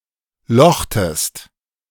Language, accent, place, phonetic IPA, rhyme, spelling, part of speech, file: German, Germany, Berlin, [ˈlɔxtəst], -ɔxtəst, lochtest, verb, De-lochtest.ogg
- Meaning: inflection of lochen: 1. second-person singular preterite 2. second-person singular subjunctive II